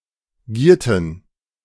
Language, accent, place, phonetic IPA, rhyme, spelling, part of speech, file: German, Germany, Berlin, [ˈɡiːɐ̯tn̩], -iːɐ̯tn̩, gierten, verb, De-gierten.ogg
- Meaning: inflection of gieren: 1. first/third-person plural preterite 2. first/third-person plural subjunctive II